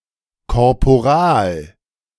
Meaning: 1. corporal, lower non-commissioned officer (in today’s Switzerland equivalent to OR-4) 2. an enlisted rank (equivalent to OR-3)
- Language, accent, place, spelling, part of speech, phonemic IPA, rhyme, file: German, Germany, Berlin, Korporal, noun, /kɔʁpoˈʁaːl/, -aːl, De-Korporal.ogg